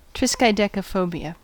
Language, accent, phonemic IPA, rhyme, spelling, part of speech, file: English, US, /ˌtɹɪskaɪdɛkəˈfəʊbi.ə/, -əʊbiə, triskaidekaphobia, noun, En-us-triskaidekaphobia.ogg
- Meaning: Fear or dislike of the number thirteen (13)